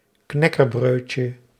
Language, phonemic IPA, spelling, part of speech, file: Dutch, /ˈknɛkəˌbrøcə/, knäckebrödje, noun, Nl-knäckebrödje.ogg
- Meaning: diminutive of knäckebröd